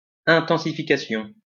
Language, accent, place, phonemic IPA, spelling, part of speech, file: French, France, Lyon, /ɛ̃.tɑ̃.si.fi.ka.sjɔ̃/, intensification, noun, LL-Q150 (fra)-intensification.wav
- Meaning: intensification